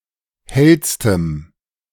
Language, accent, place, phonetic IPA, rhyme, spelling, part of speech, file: German, Germany, Berlin, [ˈhɛlstəm], -ɛlstəm, hellstem, adjective, De-hellstem.ogg
- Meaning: strong dative masculine/neuter singular superlative degree of hell